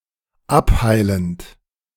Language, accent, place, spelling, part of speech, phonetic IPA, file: German, Germany, Berlin, abheilend, verb, [ˈapˌhaɪ̯lənt], De-abheilend.ogg
- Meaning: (verb) present participle of abheilen; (adjective) healing